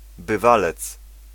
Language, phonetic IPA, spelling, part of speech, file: Polish, [bɨˈvalɛt͡s], bywalec, noun, Pl-bywalec.ogg